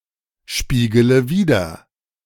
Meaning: inflection of widerspiegeln: 1. first-person singular present 2. first/third-person singular subjunctive I 3. singular imperative
- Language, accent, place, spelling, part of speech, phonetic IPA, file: German, Germany, Berlin, spiegele wider, verb, [ˌʃpiːɡələ ˈviːdɐ], De-spiegele wider.ogg